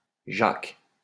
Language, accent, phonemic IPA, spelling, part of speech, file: French, France, /ʒak/, jacques, noun, LL-Q150 (fra)-jacques.wav
- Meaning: 1. plural of jacque 2. a stupid person 3. a jemmy or crowbar